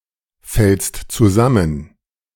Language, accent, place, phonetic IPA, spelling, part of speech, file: German, Germany, Berlin, [ˌfɛlst t͡suˈzamən], fällst zusammen, verb, De-fällst zusammen.ogg
- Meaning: second-person singular present of zusammenfallen